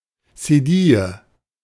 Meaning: cedilla
- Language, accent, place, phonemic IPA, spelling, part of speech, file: German, Germany, Berlin, /seˈdiːjə/, Cedille, noun, De-Cedille.ogg